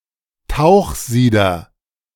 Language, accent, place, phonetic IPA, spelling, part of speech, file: German, Germany, Berlin, [ˈtaʊ̯xˌziːdɐ], Tauchsieder, noun, De-Tauchsieder.ogg
- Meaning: immersion heater